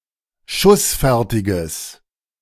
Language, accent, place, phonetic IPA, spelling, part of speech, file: German, Germany, Berlin, [ˈʃʊsˌfɛʁtɪɡəs], schussfertiges, adjective, De-schussfertiges.ogg
- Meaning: strong/mixed nominative/accusative neuter singular of schussfertig